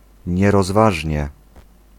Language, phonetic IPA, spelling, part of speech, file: Polish, [ˌɲɛrɔzˈvaʒʲɲɛ], nierozważnie, adverb, Pl-nierozważnie.ogg